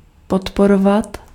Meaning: to support
- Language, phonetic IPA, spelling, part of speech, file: Czech, [ˈpotporovat], podporovat, verb, Cs-podporovat.ogg